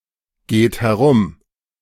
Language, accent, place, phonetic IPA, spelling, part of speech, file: German, Germany, Berlin, [ˌɡeːt hɛˈʁʊm], geht herum, verb, De-geht herum.ogg
- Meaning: inflection of herumgehen: 1. third-person singular present 2. second-person plural present 3. plural imperative